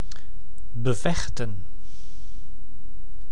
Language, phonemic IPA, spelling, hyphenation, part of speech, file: Dutch, /bəˈvɛxtə(n)/, bevechten, be‧vech‧ten, verb, Nl-bevechten.ogg
- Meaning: to fight against, to combat